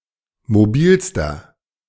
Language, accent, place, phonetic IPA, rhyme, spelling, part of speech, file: German, Germany, Berlin, [moˈbiːlstɐ], -iːlstɐ, mobilster, adjective, De-mobilster.ogg
- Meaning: inflection of mobil: 1. strong/mixed nominative masculine singular superlative degree 2. strong genitive/dative feminine singular superlative degree 3. strong genitive plural superlative degree